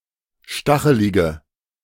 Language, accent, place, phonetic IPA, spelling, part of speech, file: German, Germany, Berlin, [ˈʃtaxəlɪɡə], stachelige, adjective, De-stachelige.ogg
- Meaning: inflection of stachelig: 1. strong/mixed nominative/accusative feminine singular 2. strong nominative/accusative plural 3. weak nominative all-gender singular